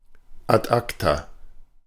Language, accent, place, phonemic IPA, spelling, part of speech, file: German, Germany, Berlin, /at ˈakta/, ad acta, adverb, De-ad acta.ogg
- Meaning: to the files